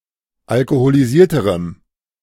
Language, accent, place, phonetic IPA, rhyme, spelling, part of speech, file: German, Germany, Berlin, [alkoholiˈziːɐ̯təʁəm], -iːɐ̯təʁəm, alkoholisierterem, adjective, De-alkoholisierterem.ogg
- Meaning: strong dative masculine/neuter singular comparative degree of alkoholisiert